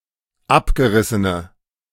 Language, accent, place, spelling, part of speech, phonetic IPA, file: German, Germany, Berlin, abgerissene, adjective, [ˈapɡəˌʁɪsənə], De-abgerissene.ogg
- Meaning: inflection of abgerissen: 1. strong/mixed nominative/accusative feminine singular 2. strong nominative/accusative plural 3. weak nominative all-gender singular